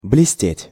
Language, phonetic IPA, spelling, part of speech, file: Russian, [blʲɪˈsʲtʲetʲ], блестеть, verb, Ru-блестеть.ogg
- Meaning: 1. to shine, to glitter, to sparkle, to flash 2. to be gifted, to shine, to sparkle